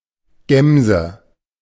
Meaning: chamois (Rupicapra rupicapra)
- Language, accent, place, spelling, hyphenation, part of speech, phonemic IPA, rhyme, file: German, Germany, Berlin, Gämse, Gäm‧se, noun, /ˈɡɛmzə/, -ɛmzə, De-Gämse.ogg